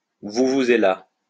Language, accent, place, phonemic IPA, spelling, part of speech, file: French, France, Lyon, /vu.vu.ze.la/, vuvuzela, noun, LL-Q150 (fra)-vuvuzela.wav
- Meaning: vuvuzela